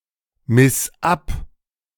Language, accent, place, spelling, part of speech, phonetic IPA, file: German, Germany, Berlin, miss ab, verb, [mɪs ˈap], De-miss ab.ogg
- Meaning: singular imperative of abmessen